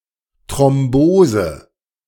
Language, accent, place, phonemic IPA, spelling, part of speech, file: German, Germany, Berlin, /tʁɔmˈboːzə/, Thrombose, noun, De-Thrombose.ogg
- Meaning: thrombosis (formation of thrombi, causing obstruction of circulation)